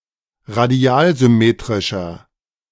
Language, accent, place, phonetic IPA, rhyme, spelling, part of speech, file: German, Germany, Berlin, [ʁaˈdi̯aːlzʏˌmeːtʁɪʃɐ], -aːlzʏmeːtʁɪʃɐ, radialsymmetrischer, adjective, De-radialsymmetrischer.ogg
- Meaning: 1. comparative degree of radialsymmetrisch 2. inflection of radialsymmetrisch: strong/mixed nominative masculine singular 3. inflection of radialsymmetrisch: strong genitive/dative feminine singular